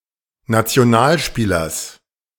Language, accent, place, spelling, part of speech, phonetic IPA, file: German, Germany, Berlin, Nationalspielers, noun, [nat͡si̯oˈnaːlˌʃpiːlɐs], De-Nationalspielers.ogg
- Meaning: genitive singular of Nationalspieler